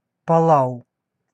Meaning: Palau (a country consisting of around 340 islands in Micronesia, in Oceania)
- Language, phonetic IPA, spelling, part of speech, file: Russian, [pɐˈɫaʊ], Палау, proper noun, Ru-Палау.ogg